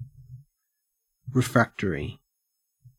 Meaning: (adjective) 1. Obstinate and unruly; strongly opposed to something 2. Not affected by great heat 3. Resistant to treatment; not responding adequately to therapy
- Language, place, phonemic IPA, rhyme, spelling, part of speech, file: English, Queensland, /ɹɪˈfɹæk.tə.ɹi/, -æktəɹi, refractory, adjective / noun, En-au-refractory.ogg